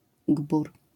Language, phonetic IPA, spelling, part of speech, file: Polish, [ɡbur], gbur, noun, LL-Q809 (pol)-gbur.wav